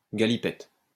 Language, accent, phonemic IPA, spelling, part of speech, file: French, France, /ɡa.li.pɛt/, galipette, noun, LL-Q150 (fra)-galipette.wav
- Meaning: 1. somersault (the act of going head over heels) 2. roll 3. roll in the hay